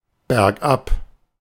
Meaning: downhill
- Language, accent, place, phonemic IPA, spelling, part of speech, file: German, Germany, Berlin, /bɛʁkˈʔap/, bergab, adverb, De-bergab.ogg